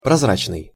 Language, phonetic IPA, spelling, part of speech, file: Russian, [prɐzˈrat͡ɕnɨj], прозрачный, adjective, Ru-прозрачный.ogg
- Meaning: 1. transparent, clear, see-through, lucent 2. limpid, liquid 3. obvious